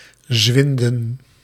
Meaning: to disappear
- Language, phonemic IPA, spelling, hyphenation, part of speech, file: Dutch, /ˈzʋɪn.də(n)/, zwinden, zwin‧den, verb, Nl-zwinden.ogg